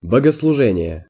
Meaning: church service, divine service, public worship, worship service
- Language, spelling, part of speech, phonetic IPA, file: Russian, богослужение, noun, [bəɡəsɫʊˈʐɛnʲɪje], Ru-богослужение.ogg